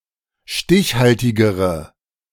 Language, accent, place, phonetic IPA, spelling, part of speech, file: German, Germany, Berlin, [ˈʃtɪçˌhaltɪɡəʁə], stichhaltigere, adjective, De-stichhaltigere.ogg
- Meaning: inflection of stichhaltig: 1. strong/mixed nominative/accusative feminine singular comparative degree 2. strong nominative/accusative plural comparative degree